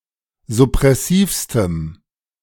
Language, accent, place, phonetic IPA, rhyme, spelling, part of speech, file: German, Germany, Berlin, [zʊpʁɛˈsiːfstəm], -iːfstəm, suppressivstem, adjective, De-suppressivstem.ogg
- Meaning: strong dative masculine/neuter singular superlative degree of suppressiv